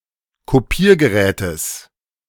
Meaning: genitive singular of Kopiergerät
- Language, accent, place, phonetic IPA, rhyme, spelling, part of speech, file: German, Germany, Berlin, [koˈpiːɐ̯ɡəˌʁɛːtəs], -iːɐ̯ɡəʁɛːtəs, Kopiergerätes, noun, De-Kopiergerätes.ogg